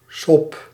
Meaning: 1. water with soap, usually for washing, suds 2. the sea in terms of somebody who will sail on it 3. archaic form of soep
- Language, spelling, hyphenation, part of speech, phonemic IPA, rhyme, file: Dutch, sop, sop, noun, /sɔp/, -ɔp, Nl-sop.ogg